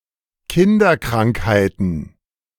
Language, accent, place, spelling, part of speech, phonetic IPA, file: German, Germany, Berlin, Kinderkrankheiten, noun, [ˈkɪndɐˌkʁaŋkhaɪ̯tn̩], De-Kinderkrankheiten.ogg
- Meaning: plural of Kinderkrankheit